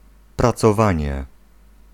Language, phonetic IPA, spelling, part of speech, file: Polish, [ˌprat͡sɔˈvãɲɛ], pracowanie, noun, Pl-pracowanie.ogg